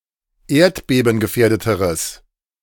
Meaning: strong/mixed nominative/accusative neuter singular comparative degree of erdbebengefährdet
- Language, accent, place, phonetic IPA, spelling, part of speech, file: German, Germany, Berlin, [ˈeːɐ̯tbeːbn̩ɡəˌfɛːɐ̯dətəʁəs], erdbebengefährdeteres, adjective, De-erdbebengefährdeteres.ogg